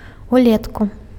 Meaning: in the summer
- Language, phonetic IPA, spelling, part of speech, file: Belarusian, [uˈlʲetku], улетку, adverb, Be-улетку.ogg